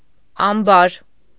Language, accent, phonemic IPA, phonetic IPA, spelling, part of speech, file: Armenian, Eastern Armenian, /ɑmˈbɑɾ/, [ɑmbɑ́ɾ], ամբար, noun, Hy-ամբար.ogg
- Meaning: granary, barn